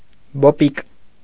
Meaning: alternative form of բոբիկ (bobik)
- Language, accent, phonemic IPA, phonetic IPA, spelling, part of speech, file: Armenian, Eastern Armenian, /boˈpik/, [bopík], բոպիկ, adjective, Hy-բոպիկ.ogg